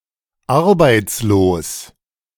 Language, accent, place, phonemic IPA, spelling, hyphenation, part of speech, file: German, Germany, Berlin, /ˈaʁbaɪ̯tsloːs/, arbeitslos, ar‧beits‧los, adjective, De-arbeitslos.ogg
- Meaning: 1. unemployed (having no work despite being willing to work) 2. on welfare; unemployed; idle (having no work and being supported by social benefits despite being able to work)